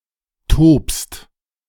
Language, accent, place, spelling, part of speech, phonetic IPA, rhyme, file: German, Germany, Berlin, tobst, verb, [toːpst], -oːpst, De-tobst.ogg
- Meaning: second-person singular present of toben